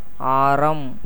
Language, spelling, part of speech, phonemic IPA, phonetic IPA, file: Tamil, ஆரம், noun, /ɑːɾɐm/, [äːɾɐm], Ta-ஆரம்.ogg
- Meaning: 1. charity 2. sandal, sandalwood 3. sandal paste 4. radius 5. spoke of a wheel 6. brass 7. garland 8. necklace of pearls or gems 9. pearl 10. pendant 11. ornament